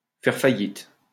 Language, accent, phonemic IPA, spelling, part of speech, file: French, France, /fɛʁ fa.jit/, faire faillite, verb, LL-Q150 (fra)-faire faillite.wav
- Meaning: to go bankrupt